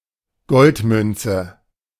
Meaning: gold (coin)
- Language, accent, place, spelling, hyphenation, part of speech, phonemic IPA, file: German, Germany, Berlin, Goldmünze, Gold‧mün‧ze, noun, /ˈɡɔltˌmʏntsə/, De-Goldmünze.ogg